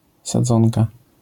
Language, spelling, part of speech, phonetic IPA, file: Polish, sadzonka, noun, [saˈd͡zɔ̃nka], LL-Q809 (pol)-sadzonka.wav